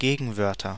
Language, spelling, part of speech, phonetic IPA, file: German, Gegenwörter, noun, [ˈɡeːɡŋ̍ˌvœʁtɐ], De-Gegenwörter.ogg
- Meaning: nominative/accusative/genitive plural of Gegenwort